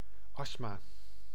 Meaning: the chronic respiratory disease asthma
- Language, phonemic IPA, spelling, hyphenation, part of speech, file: Dutch, /ˈɑs(t)maː/, astma, ast‧ma, noun, Nl-astma.ogg